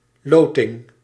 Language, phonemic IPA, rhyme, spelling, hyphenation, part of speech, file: Dutch, /ˈloː.tɪŋ/, -oːtɪŋ, loting, lo‧ting, noun, Nl-loting.ogg
- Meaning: lottery